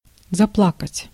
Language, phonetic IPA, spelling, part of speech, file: Russian, [zɐˈpɫakətʲ], заплакать, verb, Ru-заплакать.ogg
- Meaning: to start crying, weeping